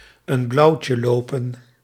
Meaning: 1. to have one's romantic advances rejected 2. to receive a rejection
- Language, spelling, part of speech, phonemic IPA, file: Dutch, een blauwtje lopen, verb, /ən blɑu̯tjə loːpə(n)/, Nl-een blauwtje lopen.ogg